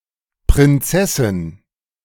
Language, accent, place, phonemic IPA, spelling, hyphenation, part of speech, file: German, Germany, Berlin, /pʁɪnˈt͡sɛsɪn/, Prinzessin, Prin‧zes‧sin, noun, De-Prinzessin.ogg
- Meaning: princess (female member of a royal family other than a queen, especially a daughter or granddaughter)